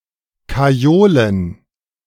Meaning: alternative form of karriolen
- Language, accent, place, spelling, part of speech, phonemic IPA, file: German, Germany, Berlin, kajolen, verb, /kaˈjoːlən/, De-kajolen.ogg